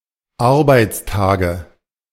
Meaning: nominative/accusative/genitive plural of Arbeitstag
- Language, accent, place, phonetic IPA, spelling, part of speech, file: German, Germany, Berlin, [ˈaʁbaɪ̯t͡sˌtaːɡə], Arbeitstage, noun, De-Arbeitstage.ogg